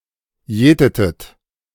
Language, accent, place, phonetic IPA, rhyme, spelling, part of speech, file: German, Germany, Berlin, [ˈjɛːtətət], -ɛːtətət, jätetet, verb, De-jätetet.ogg
- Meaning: inflection of jäten: 1. second-person plural preterite 2. second-person plural subjunctive II